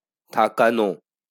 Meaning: to make someone stay
- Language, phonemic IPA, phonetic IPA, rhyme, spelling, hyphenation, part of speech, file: Bengali, /t̪ʰa.ka.no/, [ˈt̪ʰa.kaˌno], -ano, থাকানো, থা‧কা‧নো, verb, LL-Q9610 (ben)-থাকানো.wav